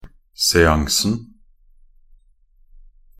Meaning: definite singular of seanse
- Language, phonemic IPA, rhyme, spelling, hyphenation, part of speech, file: Norwegian Bokmål, /sɛˈaŋsn̩/, -aŋsn̩, seansen, se‧an‧sen, noun, Nb-seansen.ogg